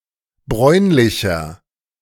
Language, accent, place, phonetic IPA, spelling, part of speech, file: German, Germany, Berlin, [ˈbʁɔɪ̯nlɪçɐ], bräunlicher, adjective, De-bräunlicher.ogg
- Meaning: 1. comparative degree of bräunlich 2. inflection of bräunlich: strong/mixed nominative masculine singular 3. inflection of bräunlich: strong genitive/dative feminine singular